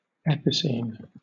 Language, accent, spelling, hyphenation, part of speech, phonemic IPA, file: English, Southern England, epicene, epi‧cene, adjective / noun, /ˈɛp.ɪˌsiːn/, LL-Q1860 (eng)-epicene.wav
- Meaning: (adjective) Of or relating to a class of Greek and Latin nouns that may refer to males or females but have a fixed grammatical gender (feminine, masculine, neuter, etc.)